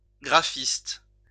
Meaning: graphic artist
- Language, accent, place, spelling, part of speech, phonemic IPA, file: French, France, Lyon, graphiste, noun, /ɡʁa.fist/, LL-Q150 (fra)-graphiste.wav